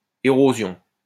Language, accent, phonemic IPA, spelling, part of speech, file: French, France, /e.ʁo.zjɔ̃/, érosion, noun, LL-Q150 (fra)-érosion.wav
- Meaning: 1. erosion, weathering 2. erosion